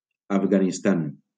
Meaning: Afghanistan (a landlocked country between Central Asia and South Asia)
- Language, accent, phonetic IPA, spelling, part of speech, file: Catalan, Valencia, [av.ɣa.nisˈtan], Afganistan, proper noun, LL-Q7026 (cat)-Afganistan.wav